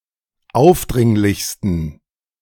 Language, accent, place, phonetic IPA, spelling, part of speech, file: German, Germany, Berlin, [ˈaʊ̯fˌdʁɪŋlɪçstn̩], aufdringlichsten, adjective, De-aufdringlichsten.ogg
- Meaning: 1. superlative degree of aufdringlich 2. inflection of aufdringlich: strong genitive masculine/neuter singular superlative degree